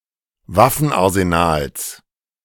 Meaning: genitive singular of Waffenarsenal
- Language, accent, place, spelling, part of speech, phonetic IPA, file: German, Germany, Berlin, Waffenarsenals, noun, [ˈvafn̩ʔaʁzenaːls], De-Waffenarsenals.ogg